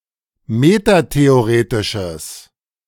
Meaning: strong/mixed nominative/accusative neuter singular of metatheoretisch
- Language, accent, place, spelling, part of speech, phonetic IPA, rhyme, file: German, Germany, Berlin, metatheoretisches, adjective, [ˌmetateoˈʁeːtɪʃəs], -eːtɪʃəs, De-metatheoretisches.ogg